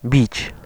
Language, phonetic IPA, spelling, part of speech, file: Polish, [bʲit͡ɕ], bić, verb, Pl-bić.ogg